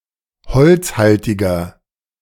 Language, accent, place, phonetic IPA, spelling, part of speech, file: German, Germany, Berlin, [ˈhɔlt͡sˌhaltɪɡɐ], holzhaltiger, adjective, De-holzhaltiger.ogg
- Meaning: inflection of holzhaltig: 1. strong/mixed nominative masculine singular 2. strong genitive/dative feminine singular 3. strong genitive plural